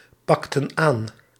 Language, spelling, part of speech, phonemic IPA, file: Dutch, pakten aan, verb, /ˈpɑktə(n) ˈan/, Nl-pakten aan.ogg
- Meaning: inflection of aanpakken: 1. plural past indicative 2. plural past subjunctive